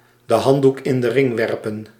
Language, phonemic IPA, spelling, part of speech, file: Dutch, /də ˈɦɑn(t).duk ɪn də ˈrɪŋ ˈʋɛr.pə(n)/, de handdoek in de ring werpen, verb, Nl-de handdoek in de ring werpen.ogg
- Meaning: to throw in the towel